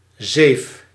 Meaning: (noun) screen, sieve; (verb) inflection of zeven: 1. first-person singular present indicative 2. second-person singular present indicative 3. imperative
- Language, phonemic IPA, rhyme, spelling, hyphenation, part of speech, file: Dutch, /zeːf/, -eːf, zeef, zeef, noun / verb, Nl-zeef.ogg